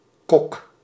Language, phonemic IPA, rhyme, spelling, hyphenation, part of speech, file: Dutch, /kɔk/, -ɔk, kok, kok, noun, Nl-kok.ogg
- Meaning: cook, chef